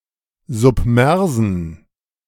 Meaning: inflection of submers: 1. strong genitive masculine/neuter singular 2. weak/mixed genitive/dative all-gender singular 3. strong/weak/mixed accusative masculine singular 4. strong dative plural
- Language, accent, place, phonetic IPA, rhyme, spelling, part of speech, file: German, Germany, Berlin, [zʊpˈmɛʁzn̩], -ɛʁzn̩, submersen, adjective, De-submersen.ogg